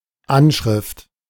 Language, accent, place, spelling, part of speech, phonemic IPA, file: German, Germany, Berlin, Anschrift, noun, /ˈanʃʁɪft/, De-Anschrift.ogg
- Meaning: an address